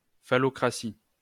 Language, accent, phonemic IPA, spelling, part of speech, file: French, France, /fa.lɔ.kʁa.si/, phallocratie, noun, LL-Q150 (fra)-phallocratie.wav
- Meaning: phallocracy